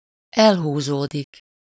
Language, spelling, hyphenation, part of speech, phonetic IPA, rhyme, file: Hungarian, elhúzódik, el‧hú‧zó‧dik, verb, [ˈɛlɦuːzoːdik], -oːdik, Hu-elhúzódik.ogg
- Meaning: 1. to drag on (to last a long time, become protracted) 2. to draw away, move away (from someone or something -tól/-től or elől)